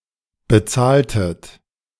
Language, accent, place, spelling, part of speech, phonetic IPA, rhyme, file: German, Germany, Berlin, bezahltet, verb, [bəˈt͡saːltət], -aːltət, De-bezahltet.ogg
- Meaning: inflection of bezahlen: 1. second-person plural preterite 2. second-person plural subjunctive II